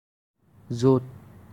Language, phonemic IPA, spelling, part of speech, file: Assamese, /zot/, য’ত, conjunction, As-য’ত.ogg
- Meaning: where